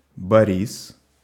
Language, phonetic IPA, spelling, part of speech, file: Russian, [bɐˈrʲis], Борис, proper noun, Ru-Борис.ogg
- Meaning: a male given name, Boris, equivalent to English Boris